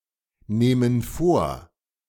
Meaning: inflection of vornehmen: 1. first/third-person plural present 2. first/third-person plural subjunctive I
- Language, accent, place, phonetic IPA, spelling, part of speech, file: German, Germany, Berlin, [ˌneːmən ˈfoːɐ̯], nehmen vor, verb, De-nehmen vor.ogg